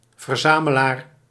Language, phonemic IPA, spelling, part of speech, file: Dutch, /vərˈzaːməlaːr/, verzamelaar, noun, Nl-verzamelaar.ogg
- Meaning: collector (e.g. of art)